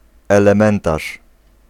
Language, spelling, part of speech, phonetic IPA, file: Polish, elementarz, noun, [ˌɛlɛ̃ˈmɛ̃ntaʃ], Pl-elementarz.ogg